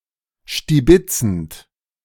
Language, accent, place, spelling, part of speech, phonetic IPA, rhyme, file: German, Germany, Berlin, stibitzend, verb, [ʃtiˈbɪt͡sn̩t], -ɪt͡sn̩t, De-stibitzend.ogg
- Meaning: present participle of stibitzen